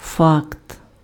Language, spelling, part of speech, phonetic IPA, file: Ukrainian, факт, noun, [fakt], Uk-факт.ogg
- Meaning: fact